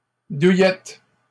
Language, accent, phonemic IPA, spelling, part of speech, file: French, Canada, /du.jɛt/, douillettes, noun, LL-Q150 (fra)-douillettes.wav
- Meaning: plural of douillette